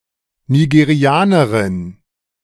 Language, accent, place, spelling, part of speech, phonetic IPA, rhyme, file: German, Germany, Berlin, Nigerianerin, noun, [niɡeˈʁi̯aːnəʁɪn], -aːnəʁɪn, De-Nigerianerin.ogg
- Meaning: female equivalent of Nigerianer